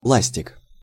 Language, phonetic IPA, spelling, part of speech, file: Russian, [ˈɫasʲtʲɪk], ластик, noun, Ru-ластик.ogg
- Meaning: 1. eraser (rubber implement for erasing pencil marks) 2. lasting (a type of fabric)